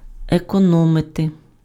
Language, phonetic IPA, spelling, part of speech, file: Ukrainian, [ekɔˈnɔmete], економити, verb, Uk-економити.ogg
- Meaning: 1. to save, to economize (use frugally, minimize expenditure of) 2. to economize (practise being economical)